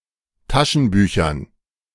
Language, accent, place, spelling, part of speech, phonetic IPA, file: German, Germany, Berlin, Taschenbüchern, noun, [ˈtaʃn̩ˌbyːçɐn], De-Taschenbüchern.ogg
- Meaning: dative plural of Taschenbuch